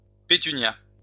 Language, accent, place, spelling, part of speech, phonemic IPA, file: French, France, Lyon, pétunia, noun, /pe.ty.nja/, LL-Q150 (fra)-pétunia.wav
- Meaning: petunia